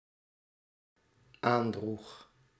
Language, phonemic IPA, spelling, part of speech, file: Dutch, /ˈandrux/, aandroeg, verb, Nl-aandroeg.ogg
- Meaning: singular dependent-clause past indicative of aandragen